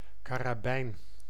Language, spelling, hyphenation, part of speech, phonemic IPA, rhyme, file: Dutch, karabijn, ka‧ra‧bijn, noun, /kaːraːˈbɛi̯n/, -ɛi̯n, Nl-karabijn.ogg
- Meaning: carbine (short-barrelled rifle)